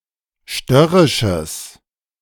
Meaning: strong/mixed nominative/accusative neuter singular of störrisch
- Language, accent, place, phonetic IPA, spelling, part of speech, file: German, Germany, Berlin, [ˈʃtœʁɪʃəs], störrisches, adjective, De-störrisches.ogg